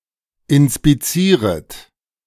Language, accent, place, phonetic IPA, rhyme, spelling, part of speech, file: German, Germany, Berlin, [ɪnspiˈt͡siːʁət], -iːʁət, inspizieret, verb, De-inspizieret.ogg
- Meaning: second-person plural subjunctive I of inspizieren